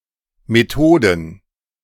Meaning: plural of Methode
- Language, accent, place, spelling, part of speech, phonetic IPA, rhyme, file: German, Germany, Berlin, Methoden, noun, [meˈtoːdn̩], -oːdn̩, De-Methoden.ogg